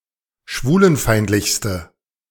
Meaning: inflection of schwulenfeindlich: 1. strong/mixed nominative/accusative feminine singular superlative degree 2. strong nominative/accusative plural superlative degree
- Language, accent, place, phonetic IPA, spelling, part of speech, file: German, Germany, Berlin, [ˈʃvuːlənˌfaɪ̯ntlɪçstə], schwulenfeindlichste, adjective, De-schwulenfeindlichste.ogg